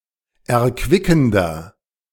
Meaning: 1. comparative degree of erquickend 2. inflection of erquickend: strong/mixed nominative masculine singular 3. inflection of erquickend: strong genitive/dative feminine singular
- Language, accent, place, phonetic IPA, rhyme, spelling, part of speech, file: German, Germany, Berlin, [ɛɐ̯ˈkvɪkn̩dɐ], -ɪkn̩dɐ, erquickender, adjective, De-erquickender.ogg